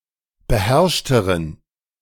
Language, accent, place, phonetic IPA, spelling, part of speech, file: German, Germany, Berlin, [bəˈhɛʁʃtəʁən], beherrschteren, adjective, De-beherrschteren.ogg
- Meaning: inflection of beherrscht: 1. strong genitive masculine/neuter singular comparative degree 2. weak/mixed genitive/dative all-gender singular comparative degree